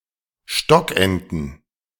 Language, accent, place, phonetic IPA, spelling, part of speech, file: German, Germany, Berlin, [ˈʃtɔkʔɛntn̩], Stockenten, noun, De-Stockenten.ogg
- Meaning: plural of Stockente